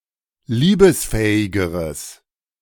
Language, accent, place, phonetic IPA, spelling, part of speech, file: German, Germany, Berlin, [ˈliːbəsˌfɛːɪɡəʁəs], liebesfähigeres, adjective, De-liebesfähigeres.ogg
- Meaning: strong/mixed nominative/accusative neuter singular comparative degree of liebesfähig